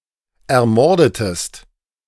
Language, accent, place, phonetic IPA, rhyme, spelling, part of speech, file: German, Germany, Berlin, [ɛɐ̯ˈmɔʁdətəst], -ɔʁdətəst, ermordetest, verb, De-ermordetest.ogg
- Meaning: inflection of ermorden: 1. second-person singular preterite 2. second-person singular subjunctive II